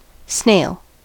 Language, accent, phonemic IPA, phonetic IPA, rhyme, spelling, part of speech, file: English, US, /sneɪl/, [sn̥eɪ̯ɫ], -eɪl, snail, noun / verb, En-us-snail.ogg
- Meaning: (noun) 1. Any of very many animals (either hermaphroditic or nonhermaphroditic), of the class Gastropoda, having a coiled shell 2. A slow person; a sluggard